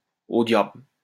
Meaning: to hell with
- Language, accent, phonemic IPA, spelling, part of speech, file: French, France, /o djabl/, au diable, phrase, LL-Q150 (fra)-au diable.wav